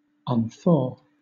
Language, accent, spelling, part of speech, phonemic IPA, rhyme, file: English, Southern England, unthaw, verb, /ʌnˈθɔː/, -ɔː, LL-Q1860 (eng)-unthaw.wav
- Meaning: To thaw out, to unfreeze; to become soft (of something which had been frozen)